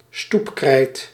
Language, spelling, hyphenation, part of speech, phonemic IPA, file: Dutch, stoepkrijt, stoep‧krijt, noun, /ˈstup.krɛi̯t/, Nl-stoepkrijt.ogg
- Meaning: sidewalk chalk